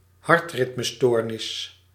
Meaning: arrhythmia
- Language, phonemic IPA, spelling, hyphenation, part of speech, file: Dutch, /ˈɦɑrt.rɪt.məˌstoːr.nɪs/, hartritmestoornis, hart‧rit‧me‧stoor‧nis, noun, Nl-hartritmestoornis.ogg